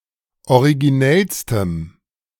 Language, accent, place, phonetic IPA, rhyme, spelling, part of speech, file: German, Germany, Berlin, [oʁiɡiˈnɛlstəm], -ɛlstəm, originellstem, adjective, De-originellstem.ogg
- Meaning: strong dative masculine/neuter singular superlative degree of originell